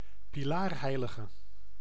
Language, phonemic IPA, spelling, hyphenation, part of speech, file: Dutch, /piˈlaːrˌɦɛi̯.lə.ɣə/, pilaarheilige, pi‧laar‧hei‧li‧ge, noun, Nl-pilaarheilige.ogg
- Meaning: stylite